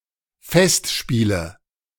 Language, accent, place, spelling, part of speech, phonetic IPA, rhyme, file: German, Germany, Berlin, Festspiele, noun, [ˈfɛstˌʃpiːlə], -ɛstʃpiːlə, De-Festspiele.ogg
- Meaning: 1. nominative/accusative/genitive plural of Festspiel 2. festival